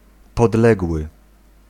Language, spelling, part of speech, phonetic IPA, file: Polish, podległy, adjective, [pɔdˈlɛɡwɨ], Pl-podległy.ogg